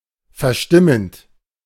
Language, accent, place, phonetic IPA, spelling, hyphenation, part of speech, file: German, Germany, Berlin, [fɛɐ̯ˈʃtɪmənt], verstimmend, ver‧stim‧mend, verb, De-verstimmend.ogg
- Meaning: present participle of verstimmen